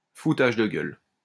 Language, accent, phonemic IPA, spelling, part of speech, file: French, France, /fu.taʒ də ɡœl/, foutage de gueule, noun, LL-Q150 (fra)-foutage de gueule.wav
- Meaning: piss-take (form of mockery)